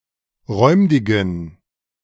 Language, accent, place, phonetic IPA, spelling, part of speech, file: German, Germany, Berlin, [ˈʁɔɪ̯mdɪɡn̩], räumdigen, adjective, De-räumdigen.ogg
- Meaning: inflection of räumdig: 1. strong genitive masculine/neuter singular 2. weak/mixed genitive/dative all-gender singular 3. strong/weak/mixed accusative masculine singular 4. strong dative plural